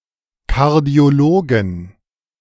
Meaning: 1. genitive singular of Kardiologe 2. plural of Kardiologe
- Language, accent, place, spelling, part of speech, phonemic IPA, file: German, Germany, Berlin, Kardiologen, noun, /ˌkaʁdi̯oˈloːɡən/, De-Kardiologen.ogg